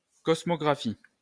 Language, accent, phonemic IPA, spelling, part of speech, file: French, France, /kɔs.mɔ.ɡʁa.fi/, cosmographie, noun, LL-Q150 (fra)-cosmographie.wav
- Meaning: cosmography